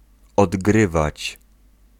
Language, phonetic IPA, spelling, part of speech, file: Polish, [ɔdˈɡrɨvat͡ɕ], odgrywać, verb, Pl-odgrywać.ogg